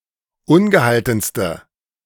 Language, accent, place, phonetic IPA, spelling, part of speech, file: German, Germany, Berlin, [ˈʊnɡəˌhaltn̩stə], ungehaltenste, adjective, De-ungehaltenste.ogg
- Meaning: inflection of ungehalten: 1. strong/mixed nominative/accusative feminine singular superlative degree 2. strong nominative/accusative plural superlative degree